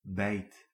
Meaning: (noun) a man-made ice hole; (verb) inflection of bijten: 1. first/second/third-person singular present indicative 2. imperative
- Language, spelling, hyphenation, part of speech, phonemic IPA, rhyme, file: Dutch, bijt, bijt, noun / verb, /bɛi̯t/, -ɛi̯t, Nl-bijt.ogg